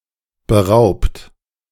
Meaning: 1. past participle of berauben 2. inflection of berauben: second-person plural present 3. inflection of berauben: third-person singular present 4. inflection of berauben: plural imperative
- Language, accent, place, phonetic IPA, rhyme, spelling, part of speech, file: German, Germany, Berlin, [bəˈʁaʊ̯pt], -aʊ̯pt, beraubt, verb, De-beraubt.ogg